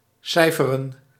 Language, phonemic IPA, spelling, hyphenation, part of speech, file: Dutch, /ˈsɛi̯fərə(n)/, cijferen, cij‧fe‧ren, verb / noun, Nl-cijferen.ogg
- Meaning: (verb) to figure, compute; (noun) arithmetic